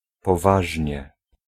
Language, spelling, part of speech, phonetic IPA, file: Polish, poważnie, adverb, [pɔˈvaʒʲɲɛ], Pl-poważnie.ogg